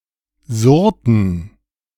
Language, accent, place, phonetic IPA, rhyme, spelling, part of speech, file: German, Germany, Berlin, [ˈzʊʁtn̩], -ʊʁtn̩, surrten, verb, De-surrten.ogg
- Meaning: inflection of surren: 1. first/third-person plural preterite 2. first/third-person plural subjunctive II